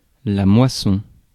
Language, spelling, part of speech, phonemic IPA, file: French, moisson, noun, /mwa.sɔ̃/, Fr-moisson.ogg
- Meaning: 1. harvest, harvesting (the process of gathering the ripened crop) 2. harvest (the season of gathering ripened crops; specifically, the time of reaping and gathering grain)